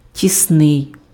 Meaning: tight
- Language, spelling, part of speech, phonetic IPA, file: Ukrainian, тісний, adjective, [tʲisˈnɪi̯], Uk-тісний.ogg